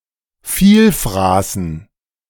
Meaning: dative plural of Vielfraß
- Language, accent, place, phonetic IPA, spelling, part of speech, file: German, Germany, Berlin, [ˈfiːlˌfʁaːsn̩], Vielfraßen, noun, De-Vielfraßen.ogg